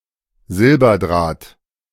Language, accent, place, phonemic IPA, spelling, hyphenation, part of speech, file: German, Germany, Berlin, /ˈzɪlbɐˌdʁaːt/, Silberdraht, Sil‧ber‧draht, noun, De-Silberdraht.ogg
- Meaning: silver wire